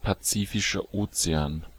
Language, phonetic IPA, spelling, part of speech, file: German, [paˌt͡siːfɪʃɐ ˈʔoːt͡seaːn], Pazifischer Ozean, proper noun, De-Pazifischer Ozean.ogg
- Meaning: Pacific Ocean (an ocean, the world's largest body of water, to the east of Asia and Australasia and to the west of the Americas)